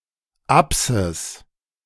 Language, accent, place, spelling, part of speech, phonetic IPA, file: German, Germany, Berlin, Apsis, noun, [ˈapsɪs], De-Apsis.ogg
- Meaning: apse (a semicircular projection from a building)